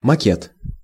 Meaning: model, mockup
- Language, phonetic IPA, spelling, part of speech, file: Russian, [mɐˈkʲet], макет, noun, Ru-макет.ogg